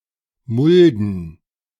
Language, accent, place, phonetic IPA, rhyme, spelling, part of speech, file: German, Germany, Berlin, [ˈmʊldn̩], -ʊldn̩, Mulden, noun, De-Mulden.ogg
- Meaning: plural of Mulde